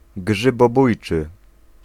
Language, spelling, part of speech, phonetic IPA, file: Polish, grzybobójczy, adjective, [ˌɡʒɨbɔˈbujt͡ʃɨ], Pl-grzybobójczy.ogg